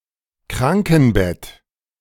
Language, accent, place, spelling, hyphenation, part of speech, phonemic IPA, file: German, Germany, Berlin, Krankenbett, Kran‧ken‧bett, noun, /ˈkʁaŋkn̩ˌbɛt/, De-Krankenbett.ogg
- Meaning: sickbed